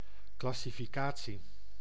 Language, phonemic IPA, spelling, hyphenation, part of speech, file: Dutch, /ˌklɑ.si.fiˈkaː.(t)si/, classificatie, clas‧si‧fi‧ca‧tie, noun, Nl-classificatie.ogg
- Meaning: 1. the act of classification, forming into (functional or theoretical) classes 2. classification, a categorisation into class; the result of the above